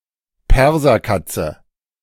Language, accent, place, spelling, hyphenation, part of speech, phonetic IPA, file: German, Germany, Berlin, Perserkatze, Per‧ser‧kat‧ze, noun, [ˈpɛʁzɐˌkatsə], De-Perserkatze.ogg
- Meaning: Persian cat